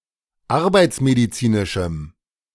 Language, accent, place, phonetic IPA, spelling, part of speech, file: German, Germany, Berlin, [ˈaʁbaɪ̯t͡smediˌt͡siːnɪʃm̩], arbeitsmedizinischem, adjective, De-arbeitsmedizinischem.ogg
- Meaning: strong dative masculine/neuter singular of arbeitsmedizinisch